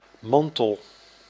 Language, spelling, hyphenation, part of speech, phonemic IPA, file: Dutch, mantel, man‧tel, noun, /ˈmɑn.təl/, Nl-mantel.ogg
- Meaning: 1. cape, cloak, mantle 2. coat, jacket 3. raincoat 4. the mantle of a planet 5. the hull of an object 6. the mantle of a chimney or furnace 7. scallop, bivalve of the family Pectinidae